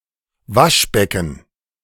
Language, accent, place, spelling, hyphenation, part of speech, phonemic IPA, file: German, Germany, Berlin, Waschbecken, Wasch‧be‧cken, noun, /ˈvaʃˌbɛkən/, De-Waschbecken.ogg
- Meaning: sink; basin (especially bathroom, also general)